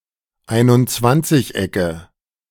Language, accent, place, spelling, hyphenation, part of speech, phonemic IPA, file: German, Germany, Berlin, Einundzwanzigecke, Ein‧und‧zwanzig‧ecke, noun, /ˌaɪ̯nʊntˈt͡svant͡sɪçˌ.ɛkə/, De-Einundzwanzigecke.ogg
- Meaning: nominative/accusative/genitive plural of Einundzwanzigeck